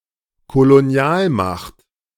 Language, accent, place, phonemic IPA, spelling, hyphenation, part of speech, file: German, Germany, Berlin, /koloˈni̯aːlˌmaxt/, Kolonialmacht, Ko‧lo‧ni‧al‧macht, noun, De-Kolonialmacht.ogg
- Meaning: colonial power